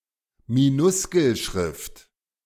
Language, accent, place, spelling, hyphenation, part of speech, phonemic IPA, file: German, Germany, Berlin, Minuskelschrift, Mi‧nus‧kel‧schrift, noun, /miˈnʊskl̩ˌʃʁɪft/, De-Minuskelschrift.ogg
- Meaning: minuscule script